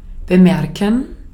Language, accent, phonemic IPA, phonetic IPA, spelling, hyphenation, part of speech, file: German, Austria, /bəˈmɛʁkən/, [bəˈmɛɐ̯kŋ], bemerken, be‧mer‧ken, verb, De-at-bemerken.ogg
- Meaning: 1. to notice, to perceive 2. to remark, to mention, to note